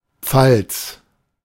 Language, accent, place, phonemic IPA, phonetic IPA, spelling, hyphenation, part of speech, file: German, Germany, Berlin, /fal(t)s/, [p͡falt͡s], Pfalz, Pfalz, noun / proper noun, De-Pfalz.ogg
- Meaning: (noun) palace (of certain mediaeval emperors and kings); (proper noun) Palatinate (a region in southern Rhineland-Palatinate, Germany)